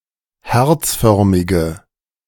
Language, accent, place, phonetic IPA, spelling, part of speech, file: German, Germany, Berlin, [ˈhɛʁt͡sˌfœʁmɪɡə], herzförmige, adjective, De-herzförmige.ogg
- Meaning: inflection of herzförmig: 1. strong/mixed nominative/accusative feminine singular 2. strong nominative/accusative plural 3. weak nominative all-gender singular